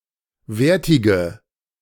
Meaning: inflection of wertig: 1. strong/mixed nominative/accusative feminine singular 2. strong nominative/accusative plural 3. weak nominative all-gender singular 4. weak accusative feminine/neuter singular
- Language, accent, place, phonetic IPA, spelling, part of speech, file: German, Germany, Berlin, [ˈveːɐ̯tɪɡə], wertige, adjective, De-wertige.ogg